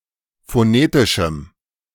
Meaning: strong dative masculine/neuter singular of phonetisch
- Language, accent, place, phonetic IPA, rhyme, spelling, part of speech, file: German, Germany, Berlin, [foˈneːtɪʃm̩], -eːtɪʃm̩, phonetischem, adjective, De-phonetischem.ogg